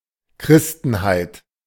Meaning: Christendom
- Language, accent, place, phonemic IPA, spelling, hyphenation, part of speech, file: German, Germany, Berlin, /ˈkʁɪstn̩haɪ̯t/, Christenheit, Chris‧ten‧heit, noun, De-Christenheit.ogg